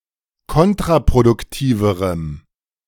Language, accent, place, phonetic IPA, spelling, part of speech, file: German, Germany, Berlin, [ˈkɔntʁapʁodʊkˌtiːvəʁəm], kontraproduktiverem, adjective, De-kontraproduktiverem.ogg
- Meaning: strong dative masculine/neuter singular comparative degree of kontraproduktiv